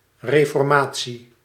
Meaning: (proper noun) the Protestant Reformation; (noun) reformation
- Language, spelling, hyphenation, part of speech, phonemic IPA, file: Dutch, reformatie, re‧for‧ma‧tie, proper noun / noun, /ˌreː.fɔrˈmaː.(t)si/, Nl-reformatie.ogg